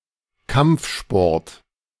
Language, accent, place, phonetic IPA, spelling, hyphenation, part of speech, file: German, Germany, Berlin, [ˈkamp͡fˌʃpɔʁt], Kampfsport, Kampf‧sport, noun, De-Kampfsport.ogg
- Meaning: combat sport, martial art